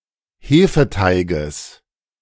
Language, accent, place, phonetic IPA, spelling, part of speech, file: German, Germany, Berlin, [ˈheːfəˌtaɪ̯ɡəs], Hefeteiges, noun, De-Hefeteiges.ogg
- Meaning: genitive singular of Hefeteig